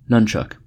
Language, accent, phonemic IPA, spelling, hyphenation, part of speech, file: English, US, /ˈnʌnt͡ʃʌk/, nunchuck, nun‧chuck, noun, En-us-nunchuck.ogg
- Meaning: Alternative form of nunchaku